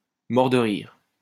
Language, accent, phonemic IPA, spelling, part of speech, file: French, France, /mɔʁ də ʁiʁ/, mort de rire, adjective, LL-Q150 (fra)-mort de rire.wav
- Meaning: dying laughing